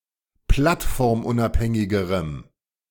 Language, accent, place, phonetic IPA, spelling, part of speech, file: German, Germany, Berlin, [ˈplatfɔʁmˌʔʊnʔaphɛŋɪɡəʁəm], plattformunabhängigerem, adjective, De-plattformunabhängigerem.ogg
- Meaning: strong dative masculine/neuter singular comparative degree of plattformunabhängig